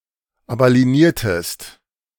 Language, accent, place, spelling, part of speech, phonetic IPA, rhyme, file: German, Germany, Berlin, abalieniertest, verb, [ˌapʔali̯eˈniːɐ̯təst], -iːɐ̯təst, De-abalieniertest.ogg
- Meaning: inflection of abalienieren: 1. second-person singular preterite 2. second-person singular subjunctive II